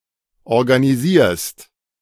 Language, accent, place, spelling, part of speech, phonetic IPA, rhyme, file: German, Germany, Berlin, organisierst, verb, [ɔʁɡaniˈziːɐ̯st], -iːɐ̯st, De-organisierst.ogg
- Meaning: second-person singular present of organisieren